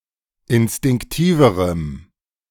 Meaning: strong dative masculine/neuter singular comparative degree of instinktiv
- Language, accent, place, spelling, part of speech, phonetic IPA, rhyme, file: German, Germany, Berlin, instinktiverem, adjective, [ɪnstɪŋkˈtiːvəʁəm], -iːvəʁəm, De-instinktiverem.ogg